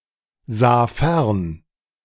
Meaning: first/third-person singular preterite of fernsehen
- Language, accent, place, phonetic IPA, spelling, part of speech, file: German, Germany, Berlin, [ˌzaː ˈfɛʁn], sah fern, verb, De-sah fern.ogg